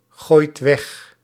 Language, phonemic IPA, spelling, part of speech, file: Dutch, /ˈɣojt ˈwɛx/, gooit weg, verb, Nl-gooit weg.ogg
- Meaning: inflection of weggooien: 1. second/third-person singular present indicative 2. plural imperative